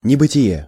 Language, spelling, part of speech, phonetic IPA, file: Russian, небытие, noun, [nʲɪbɨtʲɪˈje], Ru-небытие.ogg
- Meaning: non-existence; nonbeing